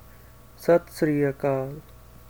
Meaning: a greeting
- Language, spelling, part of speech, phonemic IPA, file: Punjabi, ਸਤਿ ਸ੍ਰੀ ਅਕਾਲ, interjection, /sət̪ sriː əkɑːl/, SatSriAkaal greeting.ogg